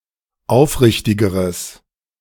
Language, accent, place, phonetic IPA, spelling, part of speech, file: German, Germany, Berlin, [ˈaʊ̯fˌʁɪçtɪɡəʁəs], aufrichtigeres, adjective, De-aufrichtigeres.ogg
- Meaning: strong/mixed nominative/accusative neuter singular comparative degree of aufrichtig